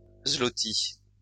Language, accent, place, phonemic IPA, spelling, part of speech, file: French, France, Lyon, /zlɔ.ti/, zloty, noun, LL-Q150 (fra)-zloty.wav
- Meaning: zloty